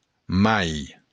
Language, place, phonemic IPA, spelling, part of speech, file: Occitan, Béarn, /mai/, mai, adverb / noun, LL-Q14185 (oci)-mai.wav
- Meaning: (adverb) 1. but 2. more; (noun) May (month)